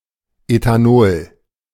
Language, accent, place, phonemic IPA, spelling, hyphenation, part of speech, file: German, Germany, Berlin, /ˌetaˈnoːl/, Ethanol, Etha‧nol, noun, De-Ethanol.ogg
- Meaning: ethanol